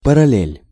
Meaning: 1. parallel (line) 2. parallel (line of latitude) 3. parallel (line of reasoning similar to another one)
- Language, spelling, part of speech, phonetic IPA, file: Russian, параллель, noun, [pərɐˈlʲelʲ], Ru-параллель.ogg